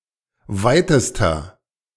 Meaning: inflection of weit: 1. strong/mixed nominative masculine singular superlative degree 2. strong genitive/dative feminine singular superlative degree 3. strong genitive plural superlative degree
- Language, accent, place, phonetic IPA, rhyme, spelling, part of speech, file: German, Germany, Berlin, [ˈvaɪ̯təstɐ], -aɪ̯təstɐ, weitester, adjective, De-weitester.ogg